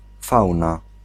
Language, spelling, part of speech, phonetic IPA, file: Polish, fauna, noun, [ˈfawna], Pl-fauna.ogg